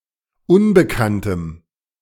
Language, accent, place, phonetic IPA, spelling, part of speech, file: German, Germany, Berlin, [ˈʊnbəkantəm], unbekanntem, adjective, De-unbekanntem.ogg
- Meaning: strong dative masculine/neuter singular of unbekannt